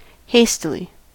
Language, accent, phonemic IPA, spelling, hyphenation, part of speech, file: English, US, /ˈheɪstɪli/, hastily, hast‧i‧ly, adverb, En-us-hastily.ogg
- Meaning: 1. In a hasty manner; quickly or hurriedly 2. Soon, shortly